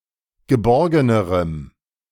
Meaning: strong dative masculine/neuter singular comparative degree of geborgen
- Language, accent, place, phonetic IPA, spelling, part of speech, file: German, Germany, Berlin, [ɡəˈbɔʁɡənəʁəm], geborgenerem, adjective, De-geborgenerem.ogg